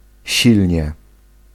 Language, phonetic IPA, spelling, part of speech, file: Polish, [ˈɕilʲɲɛ], silnie, adverb, Pl-silnie.ogg